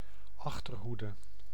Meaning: 1. rearguard, rear 2. rear, trailers, people who are slow to adapt
- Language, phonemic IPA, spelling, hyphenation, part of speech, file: Dutch, /ˈɑx.tərˌɦu.də/, achterhoede, ach‧ter‧hoe‧de, noun, Nl-achterhoede.ogg